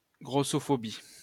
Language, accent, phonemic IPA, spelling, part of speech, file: French, France, /ɡʁo.sɔ.fɔ.bi/, grossophobie, noun, LL-Q150 (fra)-grossophobie.wav
- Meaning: fatphobia (fear, dislike or discrimination of obese people)